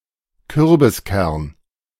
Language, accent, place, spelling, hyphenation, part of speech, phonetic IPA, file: German, Germany, Berlin, Kürbiskern, Kür‧bis‧kern, noun, [ˈkʏʁbɪsˌkɛʁn], De-Kürbiskern.ogg
- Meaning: pumpkin seed